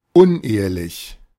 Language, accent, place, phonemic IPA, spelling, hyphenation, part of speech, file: German, Germany, Berlin, /ˈʊnˌ(ʔ)eː(.ə).lɪç/, unehelich, un‧ehe‧lich, adjective, De-unehelich.ogg
- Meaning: 1. extramarital 2. born out of wedlock 3. used to describe something as appearing like the outcome of two things being mixed